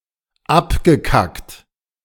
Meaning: past participle of abkacken
- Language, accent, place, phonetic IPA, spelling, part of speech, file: German, Germany, Berlin, [ˈapɡəˌkakt], abgekackt, verb, De-abgekackt.ogg